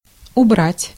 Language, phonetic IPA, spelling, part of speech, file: Russian, [ʊˈbratʲ], убрать, verb, Ru-убрать.ogg
- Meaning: 1. to remove, to take away 2. to strike (nautical) 3. to clean up, to tidy, to tidy up 4. to put away 5. to clear, to clear up, to clear out 6. to deck out 7. to decorate 8. to take in